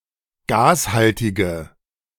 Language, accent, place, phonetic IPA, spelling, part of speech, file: German, Germany, Berlin, [ˈɡaːsˌhaltɪɡə], gashaltige, adjective, De-gashaltige.ogg
- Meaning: inflection of gashaltig: 1. strong/mixed nominative/accusative feminine singular 2. strong nominative/accusative plural 3. weak nominative all-gender singular